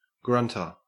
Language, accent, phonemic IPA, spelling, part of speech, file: English, Australia, /ˈɡɹʌntə/, grunter, noun, En-au-grunter.ogg
- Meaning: 1. One who grunts 2. Any of a group of fish of the family Terapontidae, which make a grunting sound when caught 3. A pig 4. A hook used in lifting a crucible